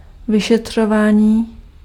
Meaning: 1. verbal noun of vyšetřovat 2. investigation
- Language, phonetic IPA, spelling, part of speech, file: Czech, [ˈvɪʃɛtr̝̊ovaːɲiː], vyšetřování, noun, Cs-vyšetřování.ogg